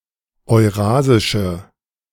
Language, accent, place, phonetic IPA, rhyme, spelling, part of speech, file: German, Germany, Berlin, [ɔɪ̯ˈʁaːzɪʃə], -aːzɪʃə, eurasische, adjective, De-eurasische.ogg
- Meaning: inflection of eurasisch: 1. strong/mixed nominative/accusative feminine singular 2. strong nominative/accusative plural 3. weak nominative all-gender singular